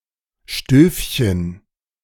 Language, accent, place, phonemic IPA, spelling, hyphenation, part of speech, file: German, Germany, Berlin, /ˈʃtøːfçən/, Stövchen, Stöv‧chen, noun, De-Stövchen.ogg
- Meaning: teapot warmer (device to warm a teapot, usually by means of a tealight)